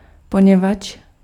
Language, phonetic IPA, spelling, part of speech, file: Czech, [ˈpoɲɛvatʃ], poněvadž, conjunction, Cs-poněvadž.ogg
- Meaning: as, since, because